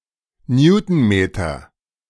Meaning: newton metre
- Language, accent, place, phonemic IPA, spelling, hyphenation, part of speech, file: German, Germany, Berlin, /ˈnjuːtn̩ˌmeːtɐ/, Newtonmeter, New‧ton‧me‧ter, noun, De-Newtonmeter.ogg